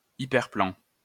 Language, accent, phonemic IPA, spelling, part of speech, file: French, France, /i.pɛʁ.plɑ̃/, hyperplan, noun, LL-Q150 (fra)-hyperplan.wav
- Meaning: hyperplane